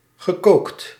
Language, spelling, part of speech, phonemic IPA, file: Dutch, gekookt, verb / adjective, /ɣəˈkokt/, Nl-gekookt.ogg
- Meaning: past participle of koken